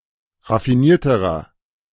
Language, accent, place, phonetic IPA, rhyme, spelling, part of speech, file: German, Germany, Berlin, [ʁafiˈniːɐ̯təʁɐ], -iːɐ̯təʁɐ, raffinierterer, adjective, De-raffinierterer.ogg
- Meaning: inflection of raffiniert: 1. strong/mixed nominative masculine singular comparative degree 2. strong genitive/dative feminine singular comparative degree 3. strong genitive plural comparative degree